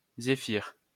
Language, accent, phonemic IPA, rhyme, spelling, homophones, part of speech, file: French, France, /ze.fiʁ/, -iʁ, zéphyr, zéphyrs, noun, LL-Q150 (fra)-zéphyr.wav
- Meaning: zephyr